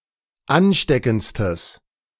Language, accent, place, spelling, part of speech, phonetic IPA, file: German, Germany, Berlin, ansteckendstes, adjective, [ˈanˌʃtɛkn̩t͡stəs], De-ansteckendstes.ogg
- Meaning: strong/mixed nominative/accusative neuter singular superlative degree of ansteckend